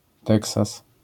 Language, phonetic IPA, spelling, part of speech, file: Polish, [ˈtɛksas], Teksas, proper noun, LL-Q809 (pol)-Teksas.wav